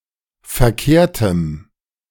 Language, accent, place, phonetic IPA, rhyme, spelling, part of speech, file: German, Germany, Berlin, [fɛɐ̯ˈkeːɐ̯təm], -eːɐ̯təm, verkehrtem, adjective, De-verkehrtem.ogg
- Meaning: strong dative masculine/neuter singular of verkehrt